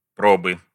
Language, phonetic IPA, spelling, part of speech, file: Russian, [ˈprobɨ], пробы, noun, Ru-пробы.ogg
- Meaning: inflection of про́ба (próba): 1. genitive singular 2. nominative/accusative plural